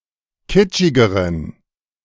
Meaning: inflection of kitschig: 1. strong genitive masculine/neuter singular comparative degree 2. weak/mixed genitive/dative all-gender singular comparative degree
- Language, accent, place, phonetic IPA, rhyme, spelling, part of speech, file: German, Germany, Berlin, [ˈkɪt͡ʃɪɡəʁən], -ɪt͡ʃɪɡəʁən, kitschigeren, adjective, De-kitschigeren.ogg